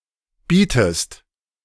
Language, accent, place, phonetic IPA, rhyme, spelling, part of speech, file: German, Germany, Berlin, [ˈbiːtəst], -iːtəst, bietest, verb, De-bietest.ogg
- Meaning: inflection of bieten: 1. second-person singular present 2. second-person singular subjunctive I